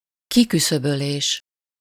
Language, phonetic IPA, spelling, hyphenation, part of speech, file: Hungarian, [ˈkikysøbøleːʃ], kiküszöbölés, ki‧kü‧szö‧bö‧lés, noun, Hu-kiküszöbölés.ogg
- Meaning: elimination (removal or exclusion)